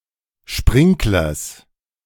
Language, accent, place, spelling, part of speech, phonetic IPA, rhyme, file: German, Germany, Berlin, Sprinklers, noun, [ˈʃpʁɪŋklɐs], -ɪŋklɐs, De-Sprinklers.ogg
- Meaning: genitive singular of Sprinkler